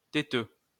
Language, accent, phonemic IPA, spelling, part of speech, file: French, France, /te.tø/, téteux, noun, LL-Q150 (fra)-téteux.wav
- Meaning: 1. fussy person 2. brownnoser, bootlicker